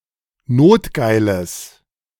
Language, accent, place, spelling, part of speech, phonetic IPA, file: German, Germany, Berlin, notgeiles, adjective, [ˈnoːtˌɡaɪ̯ləs], De-notgeiles.ogg
- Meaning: strong/mixed nominative/accusative neuter singular of notgeil